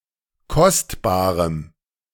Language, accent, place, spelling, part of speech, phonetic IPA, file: German, Germany, Berlin, kostbarem, adjective, [ˈkɔstbaːʁəm], De-kostbarem.ogg
- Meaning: strong dative masculine/neuter singular of kostbar